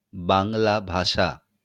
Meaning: Bengali, Bangla (language)
- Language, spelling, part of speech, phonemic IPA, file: Bengali, বাংলা ভাষা, proper noun, /baŋla‿bʱaʃa/, LL-Q9610 (ben)-বাংলা ভাষা.wav